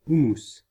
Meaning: hummus
- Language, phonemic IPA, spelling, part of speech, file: French, /u.mus/, houmous, noun, Fr-houmous.ogg